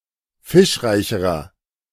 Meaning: inflection of fischreich: 1. strong/mixed nominative masculine singular comparative degree 2. strong genitive/dative feminine singular comparative degree 3. strong genitive plural comparative degree
- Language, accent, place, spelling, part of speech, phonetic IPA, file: German, Germany, Berlin, fischreicherer, adjective, [ˈfɪʃˌʁaɪ̯çəʁɐ], De-fischreicherer.ogg